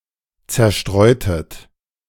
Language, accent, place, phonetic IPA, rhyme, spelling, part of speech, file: German, Germany, Berlin, [ˌt͡sɛɐ̯ˈʃtʁɔɪ̯tət], -ɔɪ̯tət, zerstreutet, verb, De-zerstreutet.ogg
- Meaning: inflection of zerstreuen: 1. second-person plural preterite 2. second-person plural subjunctive II